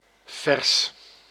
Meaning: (adjective) fresh; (noun) 1. a verse, a stanza 2. a short poem 3. verse (poetic form with fixed rhyme and meter) 4. a verse; a line, sentence or similarly short passage of a text, usually in prose
- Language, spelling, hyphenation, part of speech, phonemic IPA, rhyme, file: Dutch, vers, vers, adjective / noun, /vɛrs/, -ɛrs, Nl-vers.ogg